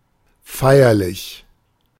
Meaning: solemn, ceremonious
- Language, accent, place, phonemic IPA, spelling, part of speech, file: German, Germany, Berlin, /ˈfaɪ̯ɐˌlɪç/, feierlich, adjective, De-feierlich.ogg